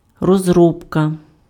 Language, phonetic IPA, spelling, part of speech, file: Ukrainian, [rɔzˈrɔbkɐ], розробка, noun, Uk-розробка.ogg
- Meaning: 1. development 2. working, operation 3. treatment